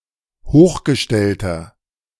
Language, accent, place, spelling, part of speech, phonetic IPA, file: German, Germany, Berlin, hochgestellter, adjective, [ˈhoːxɡəˌʃtɛltɐ], De-hochgestellter.ogg
- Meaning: inflection of hochgestellt: 1. strong/mixed nominative masculine singular 2. strong genitive/dative feminine singular 3. strong genitive plural